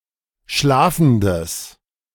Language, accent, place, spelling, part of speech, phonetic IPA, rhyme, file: German, Germany, Berlin, schlafendes, adjective, [ˈʃlaːfn̩dəs], -aːfn̩dəs, De-schlafendes.ogg
- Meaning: strong/mixed nominative/accusative neuter singular of schlafend